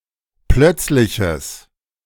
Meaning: strong/mixed nominative/accusative neuter singular of plötzlich
- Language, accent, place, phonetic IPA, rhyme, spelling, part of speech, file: German, Germany, Berlin, [ˈplœt͡slɪçəs], -œt͡slɪçəs, plötzliches, adjective, De-plötzliches.ogg